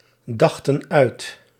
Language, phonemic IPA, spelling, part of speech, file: Dutch, /ˈdɑxtə(n) ˈœyt/, dachten uit, verb, Nl-dachten uit.ogg
- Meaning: inflection of uitdenken: 1. plural past indicative 2. plural past subjunctive